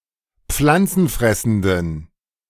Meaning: inflection of pflanzenfressend: 1. strong genitive masculine/neuter singular 2. weak/mixed genitive/dative all-gender singular 3. strong/weak/mixed accusative masculine singular
- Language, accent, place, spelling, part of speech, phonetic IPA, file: German, Germany, Berlin, pflanzenfressenden, adjective, [ˈp͡flant͡sn̩ˌfʁɛsn̩dən], De-pflanzenfressenden.ogg